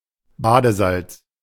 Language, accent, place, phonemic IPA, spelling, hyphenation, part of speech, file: German, Germany, Berlin, /ˈbaːdəˌzalt͡s/, Badesalz, Ba‧de‧salz, noun, De-Badesalz.ogg
- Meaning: bath salt